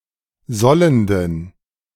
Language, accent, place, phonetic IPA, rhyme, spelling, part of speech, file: German, Germany, Berlin, [ˈzɔləndn̩], -ɔləndn̩, sollenden, adjective, De-sollenden.ogg
- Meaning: inflection of sollend: 1. strong genitive masculine/neuter singular 2. weak/mixed genitive/dative all-gender singular 3. strong/weak/mixed accusative masculine singular 4. strong dative plural